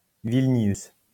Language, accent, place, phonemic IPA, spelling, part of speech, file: French, France, Lyon, /vil.njys/, Vilnius, proper noun, LL-Q150 (fra)-Vilnius.wav
- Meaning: Vilnius (the capital city of Lithuania)